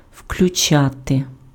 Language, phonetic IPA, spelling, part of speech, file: Ukrainian, [ʍklʲʊˈt͡ʃate], включати, verb, Uk-включати.ogg
- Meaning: 1. to switch on, to turn on (to turn a switch to the "on" position) 2. to enable (to activate a function of an electronic or mechanical device) 3. to include